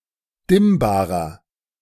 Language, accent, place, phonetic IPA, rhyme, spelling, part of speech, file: German, Germany, Berlin, [ˈdɪmbaːʁɐ], -ɪmbaːʁɐ, dimmbarer, adjective, De-dimmbarer.ogg
- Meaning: inflection of dimmbar: 1. strong/mixed nominative masculine singular 2. strong genitive/dative feminine singular 3. strong genitive plural